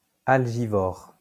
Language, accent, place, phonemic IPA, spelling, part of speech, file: French, France, Lyon, /al.ʒi.vɔʁ/, algivore, adjective, LL-Q150 (fra)-algivore.wav
- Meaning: algivorous